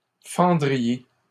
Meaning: second-person plural conditional of fendre
- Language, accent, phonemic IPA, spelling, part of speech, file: French, Canada, /fɑ̃.dʁi.je/, fendriez, verb, LL-Q150 (fra)-fendriez.wav